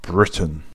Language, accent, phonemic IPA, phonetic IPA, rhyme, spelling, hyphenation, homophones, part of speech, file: English, UK, /ˈbɹɪt.ən/, [ˈbɹɪt.n̩], -ɪtən, Britain, Brit‧ain, Briton, proper noun / noun / adjective, En-uk-Britain.ogg
- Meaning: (proper noun) The United Kingdom, a kingdom and country in Northern Europe including the island of Great Britain as well as Northern Ireland on the northeastern portion of the island of Ireland